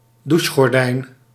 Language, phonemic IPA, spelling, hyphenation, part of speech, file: Dutch, /ˈduʃ.xɔrˌdɛi̯n/, douchegordijn, dou‧che‧gor‧dijn, noun, Nl-douchegordijn.ogg
- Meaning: shower curtain